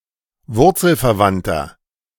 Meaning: inflection of wurzelverwandt: 1. strong/mixed nominative masculine singular 2. strong genitive/dative feminine singular 3. strong genitive plural
- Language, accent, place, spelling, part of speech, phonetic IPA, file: German, Germany, Berlin, wurzelverwandter, adjective, [ˈvʊʁt͡sl̩fɛɐ̯ˌvantɐ], De-wurzelverwandter.ogg